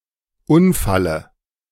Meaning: dative of Unfall
- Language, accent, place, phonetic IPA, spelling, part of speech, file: German, Germany, Berlin, [ˈʊnfalə], Unfalle, noun, De-Unfalle.ogg